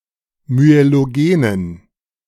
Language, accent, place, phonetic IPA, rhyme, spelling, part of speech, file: German, Germany, Berlin, [myeloˈɡeːnən], -eːnən, myelogenen, adjective, De-myelogenen.ogg
- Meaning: inflection of myelogen: 1. strong genitive masculine/neuter singular 2. weak/mixed genitive/dative all-gender singular 3. strong/weak/mixed accusative masculine singular 4. strong dative plural